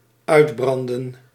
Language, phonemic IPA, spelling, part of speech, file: Dutch, /ˈœydbrɑndə(n)/, uitbranden, verb, Nl-uitbranden.ogg
- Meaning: to burn out